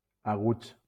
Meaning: masculine plural of agut
- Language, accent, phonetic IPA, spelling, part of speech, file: Catalan, Valencia, [aˈɣuts], aguts, adjective, LL-Q7026 (cat)-aguts.wav